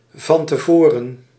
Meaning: beforehand, in advance
- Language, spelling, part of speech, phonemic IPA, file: Dutch, van tevoren, adverb, /vɑn təˈvoːrə(n)/, Nl-van tevoren.ogg